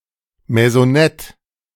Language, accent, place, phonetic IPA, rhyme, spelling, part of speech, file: German, Germany, Berlin, [mɛzɔˈnɛt], -ɛt, Maisonette, noun, De-Maisonette.ogg
- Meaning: maisonette